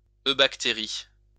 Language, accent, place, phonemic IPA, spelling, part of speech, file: French, France, Lyon, /ø.bak.te.ʁi/, eubactérie, noun, LL-Q150 (fra)-eubactérie.wav
- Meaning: eubacterium